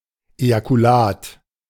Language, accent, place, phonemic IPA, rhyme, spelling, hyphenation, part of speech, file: German, Germany, Berlin, /ˌejakuˈlaːt/, -aːt, Ejakulat, Eja‧ku‧lat, noun, De-Ejakulat.ogg
- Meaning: ejaculate (the liquid ejected during ejaculation)